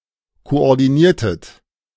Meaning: inflection of koordinieren: 1. second-person plural preterite 2. second-person plural subjunctive II
- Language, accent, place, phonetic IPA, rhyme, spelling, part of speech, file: German, Germany, Berlin, [koʔɔʁdiˈniːɐ̯tət], -iːɐ̯tət, koordiniertet, verb, De-koordiniertet.ogg